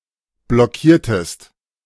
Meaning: inflection of blockieren: 1. second-person singular preterite 2. second-person singular subjunctive II
- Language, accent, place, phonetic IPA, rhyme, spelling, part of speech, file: German, Germany, Berlin, [blɔˈkiːɐ̯təst], -iːɐ̯təst, blockiertest, verb, De-blockiertest.ogg